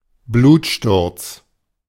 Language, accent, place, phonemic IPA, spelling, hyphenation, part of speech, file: German, Germany, Berlin, /ˈbluːtˌʃtʊʁt͡s/, Blutsturz, Blut‧sturz, noun, De-Blutsturz.ogg
- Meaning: hemoptysis